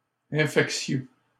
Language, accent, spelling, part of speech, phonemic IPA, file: French, Canada, infectieux, adjective, /ɛ̃.fɛk.sjø/, LL-Q150 (fra)-infectieux.wav
- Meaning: infectious